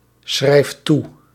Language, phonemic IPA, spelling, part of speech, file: Dutch, /ˈsxrɛift ˈtu/, schrijft toe, verb, Nl-schrijft toe.ogg
- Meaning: inflection of toeschrijven: 1. second/third-person singular present indicative 2. plural imperative